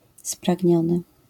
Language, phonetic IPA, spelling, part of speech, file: Polish, [spraɟˈɲɔ̃nɨ], spragniony, adjective, LL-Q809 (pol)-spragniony.wav